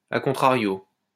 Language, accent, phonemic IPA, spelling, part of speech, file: French, France, /a kɔ̃.tʁa.ʁjo/, a contrario, adverb, LL-Q150 (fra)-a contrario.wav
- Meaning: au contraire, on the contrary